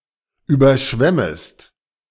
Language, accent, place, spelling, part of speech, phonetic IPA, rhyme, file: German, Germany, Berlin, überschwemmest, verb, [ˌyːbɐˈʃvɛməst], -ɛməst, De-überschwemmest.ogg
- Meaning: second-person singular subjunctive I of überschwemmen